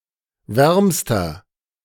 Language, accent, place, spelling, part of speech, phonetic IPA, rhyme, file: German, Germany, Berlin, wärmster, adjective, [ˈvɛʁmstɐ], -ɛʁmstɐ, De-wärmster.ogg
- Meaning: inflection of warm: 1. strong/mixed nominative masculine singular superlative degree 2. strong genitive/dative feminine singular superlative degree 3. strong genitive plural superlative degree